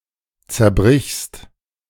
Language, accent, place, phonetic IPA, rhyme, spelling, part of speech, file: German, Germany, Berlin, [t͡sɛɐ̯ˈbʁɪçst], -ɪçst, zerbrichst, verb, De-zerbrichst.ogg
- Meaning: second-person singular present of zerbrechen